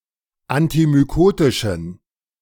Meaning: inflection of antimykotisch: 1. strong genitive masculine/neuter singular 2. weak/mixed genitive/dative all-gender singular 3. strong/weak/mixed accusative masculine singular 4. strong dative plural
- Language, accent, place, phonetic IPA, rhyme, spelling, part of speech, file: German, Germany, Berlin, [antimyˈkoːtɪʃn̩], -oːtɪʃn̩, antimykotischen, adjective, De-antimykotischen.ogg